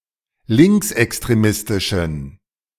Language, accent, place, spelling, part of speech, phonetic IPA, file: German, Germany, Berlin, linksextremistischen, adjective, [ˈlɪŋksʔɛkstʁeˌmɪstɪʃn̩], De-linksextremistischen.ogg
- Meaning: inflection of linksextremistisch: 1. strong genitive masculine/neuter singular 2. weak/mixed genitive/dative all-gender singular 3. strong/weak/mixed accusative masculine singular